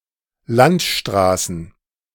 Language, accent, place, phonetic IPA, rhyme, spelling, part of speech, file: German, Germany, Berlin, [ˈlantˌʃtʁaːsn̩], -antʃtʁaːsn̩, Landstraßen, noun, De-Landstraßen.ogg
- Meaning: plural of Landstraße